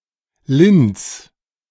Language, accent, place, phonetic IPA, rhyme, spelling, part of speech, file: German, Germany, Berlin, [lɪns], -ɪns, lins, verb, De-lins.ogg
- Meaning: 1. singular imperative of linsen 2. first-person singular present of linsen